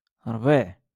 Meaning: 1. spring 2. grass 3. mix of coriander and parsley
- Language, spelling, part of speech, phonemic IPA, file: Moroccan Arabic, ربيع, noun, /rbiːʕ/, LL-Q56426 (ary)-ربيع.wav